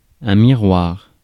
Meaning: mirror
- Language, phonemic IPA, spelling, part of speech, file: French, /mi.ʁwaʁ/, miroir, noun, Fr-miroir.ogg